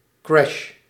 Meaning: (noun) 1. crash, collision, esp. when involving aircraft 2. economic crash, especially in relation to stock exchanges 3. computer crash
- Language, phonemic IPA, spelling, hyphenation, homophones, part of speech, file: Dutch, /krɛʃ/, crash, crash, crèche, noun / verb, Nl-crash.ogg